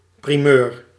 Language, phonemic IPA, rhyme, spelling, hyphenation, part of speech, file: Dutch, /priˈmøːr/, -øːr, primeur, pri‧meur, noun, Nl-primeur.ogg
- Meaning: a first, the first instance of an occurrence